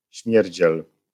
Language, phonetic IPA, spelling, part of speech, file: Polish, [ˈɕmʲjɛrʲd͡ʑɛl], śmierdziel, noun, LL-Q809 (pol)-śmierdziel.wav